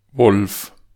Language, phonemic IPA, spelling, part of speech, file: German, /vɔlf/, Wolf, noun / proper noun, De-Wolf.ogg
- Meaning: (noun) 1. wolf 2. the constellation Lupus 3. shredder, mincer 4. skin abrasion (acquired on long hikes or marches, through the friction of one's clothes)